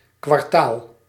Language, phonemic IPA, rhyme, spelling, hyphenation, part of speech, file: Dutch, /kʋɑrˈtaːl/, -aːl, kwartaal, kwar‧taal, noun, Nl-kwartaal.ogg
- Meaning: quarter, trimester (period of three months)